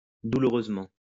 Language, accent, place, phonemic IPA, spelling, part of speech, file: French, France, Lyon, /du.lu.ʁøz.mɑ̃/, douloureusement, adverb, LL-Q150 (fra)-douloureusement.wav
- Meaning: painfully